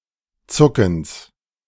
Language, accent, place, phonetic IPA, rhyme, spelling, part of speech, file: German, Germany, Berlin, [ˈt͡sʊkn̩s], -ʊkn̩s, Zuckens, noun, De-Zuckens.ogg
- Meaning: genitive singular of Zucken